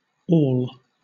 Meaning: Obsolete spelling of awl
- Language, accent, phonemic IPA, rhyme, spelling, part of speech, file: English, Southern England, /ɔːl/, -ɔːl, aul, noun, LL-Q1860 (eng)-aul.wav